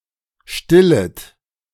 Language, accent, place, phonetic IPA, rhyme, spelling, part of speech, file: German, Germany, Berlin, [ˈʃtɪlət], -ɪlət, stillet, verb, De-stillet.ogg
- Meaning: second-person plural subjunctive I of stillen